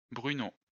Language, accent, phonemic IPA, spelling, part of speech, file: French, France, /bʁy.no/, Bruno, proper noun, LL-Q150 (fra)-Bruno.wav
- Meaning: a male given name, equivalent to English Bruno